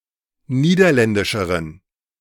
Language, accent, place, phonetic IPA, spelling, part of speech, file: German, Germany, Berlin, [ˈniːdɐˌlɛndɪʃəʁən], niederländischeren, adjective, De-niederländischeren.ogg
- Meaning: inflection of niederländisch: 1. strong genitive masculine/neuter singular comparative degree 2. weak/mixed genitive/dative all-gender singular comparative degree